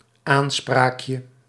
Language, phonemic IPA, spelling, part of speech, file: Dutch, /ˈansprakjə/, aanspraakje, noun, Nl-aanspraakje.ogg
- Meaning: diminutive of aanspraak